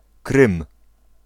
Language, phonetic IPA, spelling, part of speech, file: Polish, [krɨ̃m], Krym, proper noun, Pl-Krym.ogg